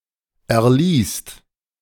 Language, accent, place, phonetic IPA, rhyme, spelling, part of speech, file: German, Germany, Berlin, [ɛɐ̯ˈliːst], -iːst, erliest, verb, De-erliest.ogg
- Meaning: second/third-person singular present of erlesen